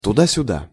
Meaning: 1. back and forth (from one place to another and back again) 2. around, about (from one place to another, to many different places)
- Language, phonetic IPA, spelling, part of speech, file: Russian, [tʊˈda sʲʊˈda], туда-сюда, adverb, Ru-туда-сюда.ogg